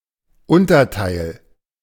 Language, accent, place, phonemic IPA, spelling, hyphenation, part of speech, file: German, Germany, Berlin, /ˈʔʊntɐˌtaɪ̯l/, Unterteil, Un‧ter‧teil, noun, De-Unterteil.ogg
- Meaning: underside